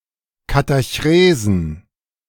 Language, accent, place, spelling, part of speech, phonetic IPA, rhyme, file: German, Germany, Berlin, Katachresen, noun, [kataˈçʁeːzn̩], -eːzn̩, De-Katachresen.ogg
- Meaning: plural of Katachrese